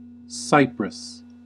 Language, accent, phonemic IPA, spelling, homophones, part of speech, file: English, US, /ˈsaɪ.pɹəs/, Cyprus, cypress, proper noun / noun, En-us-Cyprus.ogg
- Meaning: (proper noun) An island and country in the Mediterranean Sea, normally considered politically part of Europe but geographically part of West Asia. Official name: Republic of Cyprus. Capital: Nicosia